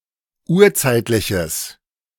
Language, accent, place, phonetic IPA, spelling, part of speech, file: German, Germany, Berlin, [ˈuːɐ̯ˌt͡saɪ̯tlɪçəs], urzeitliches, adjective, De-urzeitliches.ogg
- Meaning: strong/mixed nominative/accusative neuter singular of urzeitlich